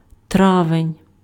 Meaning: May
- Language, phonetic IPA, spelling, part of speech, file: Ukrainian, [ˈtraʋenʲ], травень, noun, Uk-травень.ogg